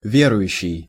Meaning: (verb) present active imperfective participle of ве́ровать (vérovatʹ); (noun) believer, a religious person; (adjective) believing
- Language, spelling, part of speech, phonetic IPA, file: Russian, верующий, verb / noun / adjective, [ˈvʲerʊjʉɕːɪj], Ru-верующий.ogg